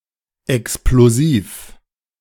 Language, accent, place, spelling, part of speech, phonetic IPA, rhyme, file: German, Germany, Berlin, explosiv, adjective, [ɛksploˈziːf], -iːf, De-explosiv.ogg
- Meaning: explosive